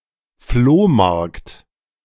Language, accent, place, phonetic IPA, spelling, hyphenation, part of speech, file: German, Germany, Berlin, [ˈfloːˌmaʁkt], Flohmarkt, Floh‧markt, noun, De-Flohmarkt.ogg
- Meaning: flea market